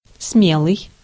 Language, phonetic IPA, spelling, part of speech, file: Russian, [ˈsmʲeɫɨj], смелый, adjective, Ru-смелый.ogg
- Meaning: courageous, daring, audacious, bold, brave